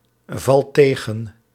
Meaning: inflection of tegenvallen: 1. second/third-person singular present indicative 2. plural imperative
- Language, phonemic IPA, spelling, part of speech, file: Dutch, /ˈvɑlt ˈteɣə(n)/, valt tegen, verb, Nl-valt tegen.ogg